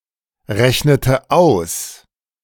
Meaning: inflection of ausrechnen: 1. first/third-person singular preterite 2. first/third-person singular subjunctive II
- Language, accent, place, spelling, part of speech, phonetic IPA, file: German, Germany, Berlin, rechnete aus, verb, [ˌʁɛçnətə ˈaʊ̯s], De-rechnete aus.ogg